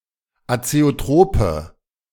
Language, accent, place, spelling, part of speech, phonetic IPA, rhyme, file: German, Germany, Berlin, azeotrope, adjective, [at͡seoˈtʁoːpə], -oːpə, De-azeotrope.ogg
- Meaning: inflection of azeotrop: 1. strong/mixed nominative/accusative feminine singular 2. strong nominative/accusative plural 3. weak nominative all-gender singular